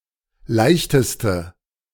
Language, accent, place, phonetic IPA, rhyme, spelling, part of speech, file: German, Germany, Berlin, [ˈlaɪ̯çtəstə], -aɪ̯çtəstə, leichteste, adjective, De-leichteste.ogg
- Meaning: inflection of leicht: 1. strong/mixed nominative/accusative feminine singular superlative degree 2. strong nominative/accusative plural superlative degree